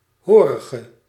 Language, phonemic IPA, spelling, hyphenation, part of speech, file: Dutch, /ˈɦoː.rə.ɣə/, horige, ho‧ri‧ge, adjective / noun, Nl-horige.ogg
- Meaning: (adjective) inflection of horig: 1. masculine/feminine singular attributive 2. definite neuter singular attributive 3. plural attributive; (noun) serf